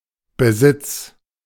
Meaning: 1. ownership 2. possession, property
- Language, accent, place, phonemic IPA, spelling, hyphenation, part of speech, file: German, Germany, Berlin, /bəˈzɪts/, Besitz, Be‧sitz, noun, De-Besitz.ogg